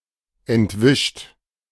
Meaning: 1. past participle of entwischen 2. inflection of entwischen: third-person singular present 3. inflection of entwischen: second-person plural present 4. inflection of entwischen: plural imperative
- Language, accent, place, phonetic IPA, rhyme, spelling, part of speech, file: German, Germany, Berlin, [ɛntˈvɪʃt], -ɪʃt, entwischt, verb, De-entwischt.ogg